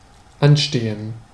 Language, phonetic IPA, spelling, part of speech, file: German, [ˈanˌʃteːən], anstehen, verb, De-anstehen.ogg
- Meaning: 1. to stand in a queue 2. to be pending, to be upcoming, to be on the agenda, to be due 3. to befit 4. (mining, geology) to protrude 5. to be dependent on something or someone